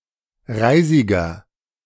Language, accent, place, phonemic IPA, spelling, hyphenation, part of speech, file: German, Germany, Berlin, /ˈʁaɪ̯zɪɡɐ/, Reisiger, Rei‧si‧ger, noun, De-Reisiger.ogg
- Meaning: 1. horseman 2. inflection of Reisige: strong genitive/dative singular 3. inflection of Reisige: strong genitive plural